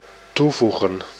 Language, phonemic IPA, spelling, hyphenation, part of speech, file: Dutch, /ˈtuˌvu.ɣə(n)/, toevoegen, toe‧voe‧gen, verb, Nl-toevoegen.ogg
- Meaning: to add